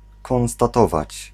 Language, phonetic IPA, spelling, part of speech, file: Polish, [ˌkɔ̃w̃staˈtɔvat͡ɕ], konstatować, verb, Pl-konstatować.ogg